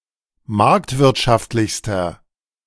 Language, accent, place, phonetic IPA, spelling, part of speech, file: German, Germany, Berlin, [ˈmaʁktvɪʁtʃaftlɪçstɐ], marktwirtschaftlichster, adjective, De-marktwirtschaftlichster.ogg
- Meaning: inflection of marktwirtschaftlich: 1. strong/mixed nominative masculine singular superlative degree 2. strong genitive/dative feminine singular superlative degree